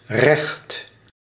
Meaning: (adjective) 1. straight 2. obsolete form of rechts, rechter (“right, not left”); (noun) 1. a right, competence, authority, privilege 2. justice 3. jurisprudence, the law
- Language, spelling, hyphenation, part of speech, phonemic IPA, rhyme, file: Dutch, recht, recht, adjective / noun / verb, /rɛxt/, -ɛxt, Nl-recht.ogg